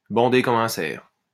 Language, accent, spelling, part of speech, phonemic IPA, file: French, France, bander comme un cerf, verb, /bɑ̃.de kɔ.m‿œ̃ sɛʁ/, LL-Q150 (fra)-bander comme un cerf.wav
- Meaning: synonym of bander comme un taureau